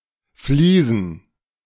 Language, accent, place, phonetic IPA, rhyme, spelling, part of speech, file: German, Germany, Berlin, [ˈfliːzn̩], -iːzn̩, Fliesen, noun, De-Fliesen.ogg
- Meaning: plural of Fliese